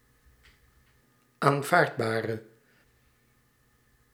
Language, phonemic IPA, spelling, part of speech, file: Dutch, /aɱˈvardbarə/, aanvaardbare, adjective, Nl-aanvaardbare.ogg
- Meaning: inflection of aanvaardbaar: 1. masculine/feminine singular attributive 2. definite neuter singular attributive 3. plural attributive